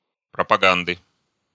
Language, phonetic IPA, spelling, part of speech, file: Russian, [prəpɐˈɡandɨ], пропаганды, noun, Ru-пропаганды.ogg
- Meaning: inflection of пропага́нда (propagánda): 1. genitive singular 2. nominative/accusative plural